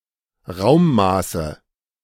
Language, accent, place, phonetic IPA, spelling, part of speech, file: German, Germany, Berlin, [ˈʁaʊ̯mˌmaːsə], Raummaße, noun, De-Raummaße.ogg
- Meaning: nominative/accusative/genitive plural of Raummaß